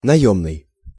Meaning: hired, rented
- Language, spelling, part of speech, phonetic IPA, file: Russian, наёмный, adjective, [nɐˈjɵmnɨj], Ru-наёмный.ogg